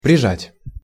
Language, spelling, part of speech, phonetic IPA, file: Russian, прижать, verb, [prʲɪˈʐatʲ], Ru-прижать.ogg
- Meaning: 1. to press (to), to clasp (to) 2. to press hard, to put in a tight situation